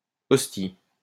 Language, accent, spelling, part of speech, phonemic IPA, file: French, France, ostie, noun, /ɔs.ti/, LL-Q150 (fra)-ostie.wav
- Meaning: An expletive and intensifier for all purposes